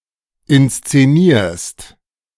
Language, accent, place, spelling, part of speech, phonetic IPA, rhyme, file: German, Germany, Berlin, inszenierst, verb, [ɪnst͡seˈniːɐ̯st], -iːɐ̯st, De-inszenierst.ogg
- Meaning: second-person singular present of inszenieren